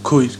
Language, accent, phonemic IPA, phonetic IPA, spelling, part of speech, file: Armenian, Eastern Armenian, /kʰujɾ/, [kʰujɾ], քույր, noun, Hy-քույր.ogg
- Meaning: 1. sister 2. nurse 3. nun